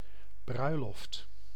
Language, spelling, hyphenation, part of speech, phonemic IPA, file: Dutch, bruiloft, brui‧loft, noun, /ˈbrœy̯.lɔft/, Nl-bruiloft.ogg
- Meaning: 1. wedding reception, wedding feast 2. wedding anniversary